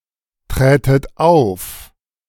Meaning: second-person plural subjunctive II of auftreten
- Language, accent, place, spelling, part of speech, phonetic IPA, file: German, Germany, Berlin, trätet auf, verb, [ˌtʁɛːtət ˈaʊ̯f], De-trätet auf.ogg